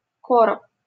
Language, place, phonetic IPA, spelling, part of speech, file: Russian, Saint Petersburg, [ˈkorəp], короб, noun, LL-Q7737 (rus)-короб.wav
- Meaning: box, chest